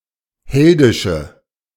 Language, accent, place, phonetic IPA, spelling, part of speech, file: German, Germany, Berlin, [ˈhɛldɪʃə], heldische, adjective, De-heldische.ogg
- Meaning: inflection of heldisch: 1. strong/mixed nominative/accusative feminine singular 2. strong nominative/accusative plural 3. weak nominative all-gender singular